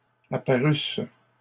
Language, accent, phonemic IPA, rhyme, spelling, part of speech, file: French, Canada, /a.pa.ʁys/, -ys, apparusse, verb, LL-Q150 (fra)-apparusse.wav
- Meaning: first-person singular imperfect subjunctive of apparaître